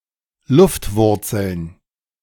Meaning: plural of Luftwurzel
- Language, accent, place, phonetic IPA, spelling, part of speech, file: German, Germany, Berlin, [ˈlʊftˌvʊʁt͡sl̩n], Luftwurzeln, noun, De-Luftwurzeln.ogg